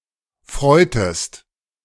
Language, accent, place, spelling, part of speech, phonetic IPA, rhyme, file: German, Germany, Berlin, freutest, verb, [ˈfʁɔɪ̯təst], -ɔɪ̯təst, De-freutest.ogg
- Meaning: inflection of freuen: 1. second-person singular preterite 2. second-person singular subjunctive II